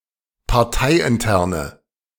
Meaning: inflection of parteiintern: 1. strong/mixed nominative/accusative feminine singular 2. strong nominative/accusative plural 3. weak nominative all-gender singular
- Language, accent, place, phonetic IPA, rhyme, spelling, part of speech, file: German, Germany, Berlin, [paʁˈtaɪ̯ʔɪnˌtɛʁnə], -aɪ̯ʔɪntɛʁnə, parteiinterne, adjective, De-parteiinterne.ogg